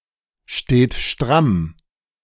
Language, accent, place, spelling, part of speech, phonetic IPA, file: German, Germany, Berlin, steht stramm, verb, [ˌʃteːt ˈʃtʁam], De-steht stramm.ogg
- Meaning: inflection of strammstehen: 1. third-person singular present 2. second-person plural present 3. plural imperative